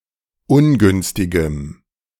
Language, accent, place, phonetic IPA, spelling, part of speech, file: German, Germany, Berlin, [ˈʊnˌɡʏnstɪɡəm], ungünstigem, adjective, De-ungünstigem.ogg
- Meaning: strong dative masculine/neuter singular of ungünstig